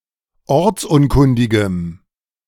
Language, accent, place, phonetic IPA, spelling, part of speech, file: German, Germany, Berlin, [ˈɔʁt͡sˌʔʊnkʊndɪɡəm], ortsunkundigem, adjective, De-ortsunkundigem.ogg
- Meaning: strong dative masculine/neuter singular of ortsunkundig